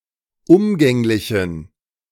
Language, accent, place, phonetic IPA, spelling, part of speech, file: German, Germany, Berlin, [ˈʊmɡɛŋlɪçn̩], umgänglichen, adjective, De-umgänglichen.ogg
- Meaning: inflection of umgänglich: 1. strong genitive masculine/neuter singular 2. weak/mixed genitive/dative all-gender singular 3. strong/weak/mixed accusative masculine singular 4. strong dative plural